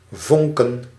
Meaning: to spark (to give off sparks)
- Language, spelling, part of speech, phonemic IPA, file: Dutch, vonken, verb / noun, /ˈvɔŋkə(n)/, Nl-vonken.ogg